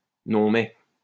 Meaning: honestly! well, really! do you mind! (used to express indignation)
- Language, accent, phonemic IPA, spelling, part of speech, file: French, France, /nɔ̃ mɛ/, non mais, interjection, LL-Q150 (fra)-non mais.wav